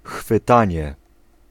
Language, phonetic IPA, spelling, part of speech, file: Polish, [xfɨˈtãɲɛ], chwytanie, noun, Pl-chwytanie.ogg